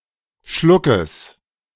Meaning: genitive singular of Schluck
- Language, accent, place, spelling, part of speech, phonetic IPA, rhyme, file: German, Germany, Berlin, Schluckes, noun, [ˈʃlʊkəs], -ʊkəs, De-Schluckes.ogg